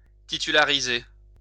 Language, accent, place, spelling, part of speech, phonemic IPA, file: French, France, Lyon, titulariser, verb, /ti.ty.la.ʁi.ze/, LL-Q150 (fra)-titulariser.wav
- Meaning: to grant tenure to